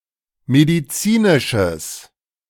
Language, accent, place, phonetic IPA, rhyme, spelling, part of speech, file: German, Germany, Berlin, [mediˈt͡siːnɪʃəs], -iːnɪʃəs, medizinisches, adjective, De-medizinisches.ogg
- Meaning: strong/mixed nominative/accusative neuter singular of medizinisch